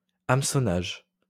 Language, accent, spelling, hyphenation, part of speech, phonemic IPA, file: French, France, hameçonnage, hame‧çon‧nage, noun, /am.sɔ.naʒ/, LL-Q150 (fra)-hameçonnage.wav
- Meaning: phishing; a phishing scam